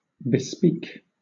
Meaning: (verb) 1. To speak about; tell of; relate; discuss 2. To speak for beforehand; engage in advance; make arrangements for; order, commission, reserve or arrange for something to be made in advance
- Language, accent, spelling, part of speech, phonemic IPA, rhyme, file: English, Southern England, bespeak, verb / noun, /bɪˈspiːk/, -iːk, LL-Q1860 (eng)-bespeak.wav